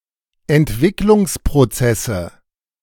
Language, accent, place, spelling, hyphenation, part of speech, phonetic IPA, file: German, Germany, Berlin, Entwicklungsprozesse, Ent‧wick‧lungs‧pro‧zes‧se, noun, [ɛntˈvɪklʊŋspʁoˌt͡sɛsə], De-Entwicklungsprozesse.ogg
- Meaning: nominative/accusative/genitive plural of Entwicklungsprozess